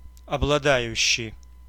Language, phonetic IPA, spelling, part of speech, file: Russian, [ɐbɫɐˈdajʉɕːɪj], обладающий, verb, Ru-обладающий.ogg
- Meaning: present active imperfective participle of облада́ть (obladátʹ)